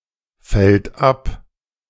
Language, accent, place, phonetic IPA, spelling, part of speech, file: German, Germany, Berlin, [ˌfɛlt ˈap], fällt ab, verb, De-fällt ab.ogg
- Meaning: third-person singular present of abfallen